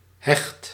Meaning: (adjective) tight, close-knit; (verb) inflection of hechten: 1. first/second/third-person singular present indicative 2. imperative
- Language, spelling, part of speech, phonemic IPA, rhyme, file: Dutch, hecht, adjective / verb, /ɦɛxt/, -ɛxt, Nl-hecht.ogg